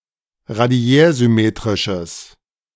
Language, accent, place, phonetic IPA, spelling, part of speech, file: German, Germany, Berlin, [ʁaˈdi̯ɛːɐ̯zʏˌmeːtʁɪʃəs], radiärsymmetrisches, adjective, De-radiärsymmetrisches.ogg
- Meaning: strong/mixed nominative/accusative neuter singular of radiärsymmetrisch